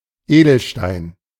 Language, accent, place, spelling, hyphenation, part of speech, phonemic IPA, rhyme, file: German, Germany, Berlin, Edelstein, Edel‧stein, noun, /ˈeːdl̩ˌʃtaɪ̯n/, -aɪ̯n, De-Edelstein.ogg
- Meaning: gemstone